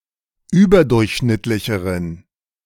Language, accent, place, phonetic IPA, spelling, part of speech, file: German, Germany, Berlin, [ˈyːbɐˌdʊʁçʃnɪtlɪçəʁən], überdurchschnittlicheren, adjective, De-überdurchschnittlicheren.ogg
- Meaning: inflection of überdurchschnittlich: 1. strong genitive masculine/neuter singular comparative degree 2. weak/mixed genitive/dative all-gender singular comparative degree